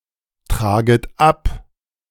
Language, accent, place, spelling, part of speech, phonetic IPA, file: German, Germany, Berlin, traget ab, verb, [ˌtʁaːɡət ˈap], De-traget ab.ogg
- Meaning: second-person plural subjunctive I of abtragen